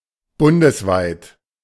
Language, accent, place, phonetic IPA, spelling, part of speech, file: German, Germany, Berlin, [ˈbʊndəsˌvaɪ̯t], bundesweit, adjective, De-bundesweit.ogg
- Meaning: nationwide